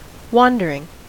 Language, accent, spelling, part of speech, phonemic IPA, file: English, US, wandering, adjective / noun / verb, /ˈwɑndəɹɪŋ/, En-us-wandering.ogg
- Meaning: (adjective) 1. Which wanders; travelling from place to place 2. Abnormally capable of moving in certain directions; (noun) 1. Travelling without preset route; roaming 2. Irregular turning of the eyes